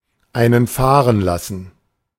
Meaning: to flatulate
- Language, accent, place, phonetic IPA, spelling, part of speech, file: German, Germany, Berlin, [ˌaɪ̯nən ˈfaːʁən ˌlasn̩], einen fahren lassen, verb, De-einen fahren lassen.ogg